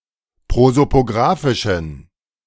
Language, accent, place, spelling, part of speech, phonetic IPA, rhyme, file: German, Germany, Berlin, prosopografischen, adjective, [ˌpʁozopoˈɡʁaːfɪʃn̩], -aːfɪʃn̩, De-prosopografischen.ogg
- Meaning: inflection of prosopografisch: 1. strong genitive masculine/neuter singular 2. weak/mixed genitive/dative all-gender singular 3. strong/weak/mixed accusative masculine singular 4. strong dative plural